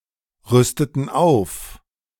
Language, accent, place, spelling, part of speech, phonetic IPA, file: German, Germany, Berlin, rüsteten auf, verb, [ˌʁʏstətn̩ ˈaʊ̯f], De-rüsteten auf.ogg
- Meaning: inflection of aufrüsten: 1. first/third-person plural preterite 2. first/third-person plural subjunctive II